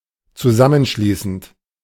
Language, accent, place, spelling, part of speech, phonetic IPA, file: German, Germany, Berlin, zusammenschließend, verb, [t͡suˈzamənˌʃliːsn̩t], De-zusammenschließend.ogg
- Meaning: present participle of zusammenschließen